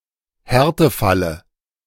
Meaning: dative singular of Härtefall
- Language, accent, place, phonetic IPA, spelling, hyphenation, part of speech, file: German, Germany, Berlin, [ˈhɛʁtəˌfalə], Härtefalle, Här‧te‧fal‧le, noun, De-Härtefalle.ogg